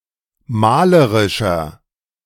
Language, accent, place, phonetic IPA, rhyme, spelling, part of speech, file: German, Germany, Berlin, [ˈmaːləʁɪʃɐ], -aːləʁɪʃɐ, malerischer, adjective, De-malerischer.ogg
- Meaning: 1. comparative degree of malerisch 2. inflection of malerisch: strong/mixed nominative masculine singular 3. inflection of malerisch: strong genitive/dative feminine singular